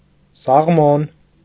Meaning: salmon
- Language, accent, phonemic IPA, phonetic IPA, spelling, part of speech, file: Armenian, Eastern Armenian, /sɑʁˈmon/, [sɑʁmón], սաղմոն, noun, Hy-սաղմոն.ogg